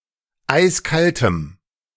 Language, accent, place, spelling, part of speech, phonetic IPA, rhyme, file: German, Germany, Berlin, eiskaltem, adjective, [ˈaɪ̯sˈkaltəm], -altəm, De-eiskaltem.ogg
- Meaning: strong dative masculine/neuter singular of eiskalt